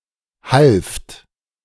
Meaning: second-person plural preterite of helfen
- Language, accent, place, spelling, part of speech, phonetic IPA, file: German, Germany, Berlin, halft, verb, [halft], De-halft.ogg